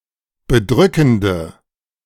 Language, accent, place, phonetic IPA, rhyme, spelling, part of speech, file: German, Germany, Berlin, [bəˈdʁʏkn̩də], -ʏkn̩də, bedrückende, adjective, De-bedrückende.ogg
- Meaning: inflection of bedrückend: 1. strong/mixed nominative/accusative feminine singular 2. strong nominative/accusative plural 3. weak nominative all-gender singular